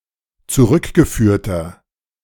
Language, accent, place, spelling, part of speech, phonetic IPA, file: German, Germany, Berlin, zurückgeführter, adjective, [t͡suˈʁʏkɡəˌfyːɐ̯tɐ], De-zurückgeführter.ogg
- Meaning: inflection of zurückgeführt: 1. strong/mixed nominative masculine singular 2. strong genitive/dative feminine singular 3. strong genitive plural